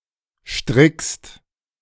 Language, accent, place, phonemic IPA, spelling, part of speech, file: German, Germany, Berlin, /ʃtʁɪkst/, strickst, verb, De-strickst.ogg
- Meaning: second-person singular present of stricken